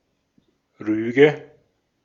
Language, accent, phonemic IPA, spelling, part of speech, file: German, Austria, /ˈʁyːɡə/, Rüge, noun, De-at-Rüge.ogg
- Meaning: reprimand, censure (accusation of wrongdoing or misbehavior, but typically without further punishment)